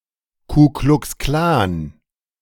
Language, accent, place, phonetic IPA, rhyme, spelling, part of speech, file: German, Germany, Berlin, [kuklʊksˈklaːn], -aːn, Ku-Klux-Klan, noun, De-Ku-Klux-Klan.ogg
- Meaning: Ku Klux Klan